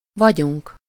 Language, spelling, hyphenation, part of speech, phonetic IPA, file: Hungarian, vagyunk, va‧gyunk, verb, [ˈvɒɟuŋk], Hu-vagyunk.ogg
- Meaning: first-person plural indicative present indefinite of van